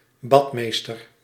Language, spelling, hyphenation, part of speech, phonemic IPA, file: Dutch, badmeester, bad‧mees‧ter, noun, /ˈbɑtˌmeːstər/, Nl-badmeester.ogg
- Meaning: male pool lifeguard, often also serving as a swimming instructor